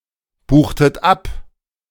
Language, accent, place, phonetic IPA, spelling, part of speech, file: German, Germany, Berlin, [ˌbuːxtət ˈap], buchtet ab, verb, De-buchtet ab.ogg
- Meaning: inflection of abbuchen: 1. second-person plural preterite 2. second-person plural subjunctive II